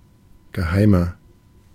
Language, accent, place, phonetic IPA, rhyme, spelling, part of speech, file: German, Germany, Berlin, [ɡəˈhaɪ̯mɐ], -aɪ̯mɐ, geheimer, adjective, De-geheimer.ogg
- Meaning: 1. comparative degree of geheim 2. inflection of geheim: strong/mixed nominative masculine singular 3. inflection of geheim: strong genitive/dative feminine singular